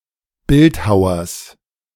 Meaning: genitive singular of Bildhauer
- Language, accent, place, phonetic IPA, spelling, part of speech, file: German, Germany, Berlin, [ˈbɪltˌhaʊ̯ɐs], Bildhauers, noun, De-Bildhauers.ogg